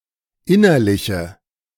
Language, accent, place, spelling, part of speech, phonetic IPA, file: German, Germany, Berlin, innerliche, adjective, [ˈɪnɐlɪçə], De-innerliche.ogg
- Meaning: inflection of innerlich: 1. strong/mixed nominative/accusative feminine singular 2. strong nominative/accusative plural 3. weak nominative all-gender singular